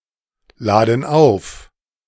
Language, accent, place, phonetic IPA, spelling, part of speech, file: German, Germany, Berlin, [ˌlaːdn̩ ˈaʊ̯f], laden auf, verb, De-laden auf.ogg
- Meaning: inflection of aufladen: 1. first/third-person plural present 2. first/third-person plural subjunctive I